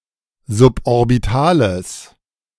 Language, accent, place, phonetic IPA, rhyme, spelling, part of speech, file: German, Germany, Berlin, [zʊpʔɔʁbɪˈtaːləs], -aːləs, suborbitales, adjective, De-suborbitales.ogg
- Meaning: strong/mixed nominative/accusative neuter singular of suborbital